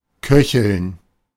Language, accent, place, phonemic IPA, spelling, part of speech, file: German, Germany, Berlin, /ˈkœçəln/, köcheln, verb, De-köcheln.ogg
- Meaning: to simmer, to boil slightly (be at a temperature just under or just over the boiling point)